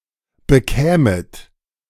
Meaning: second-person plural subjunctive II of bekommen
- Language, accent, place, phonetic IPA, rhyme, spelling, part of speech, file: German, Germany, Berlin, [bəˈkɛːmət], -ɛːmət, bekämet, verb, De-bekämet.ogg